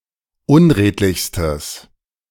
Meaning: strong/mixed nominative/accusative neuter singular superlative degree of unredlich
- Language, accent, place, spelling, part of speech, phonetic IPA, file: German, Germany, Berlin, unredlichstes, adjective, [ˈʊnˌʁeːtlɪçstəs], De-unredlichstes.ogg